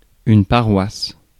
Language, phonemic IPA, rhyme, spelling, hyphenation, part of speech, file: French, /pa.ʁwas/, -as, paroisse, pa‧roisse, noun, Fr-paroisse.ogg
- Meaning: parish